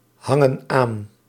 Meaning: inflection of aanhangen: 1. plural present indicative 2. plural present subjunctive
- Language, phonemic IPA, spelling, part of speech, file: Dutch, /ˈhɑŋə(n) ˈan/, hangen aan, verb, Nl-hangen aan.ogg